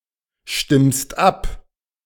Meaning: second-person singular present of abstimmen
- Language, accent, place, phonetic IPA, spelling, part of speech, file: German, Germany, Berlin, [ˌʃtɪmst ˈap], stimmst ab, verb, De-stimmst ab.ogg